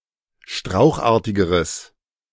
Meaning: strong/mixed nominative/accusative neuter singular comparative degree of strauchartig
- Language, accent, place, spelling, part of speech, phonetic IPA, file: German, Germany, Berlin, strauchartigeres, adjective, [ˈʃtʁaʊ̯xˌʔaːɐ̯tɪɡəʁəs], De-strauchartigeres.ogg